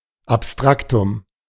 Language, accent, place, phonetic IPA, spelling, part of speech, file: German, Germany, Berlin, [apˈstʀaktʊm], Abstraktum, noun, De-Abstraktum.ogg
- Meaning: abstract term, abstract noun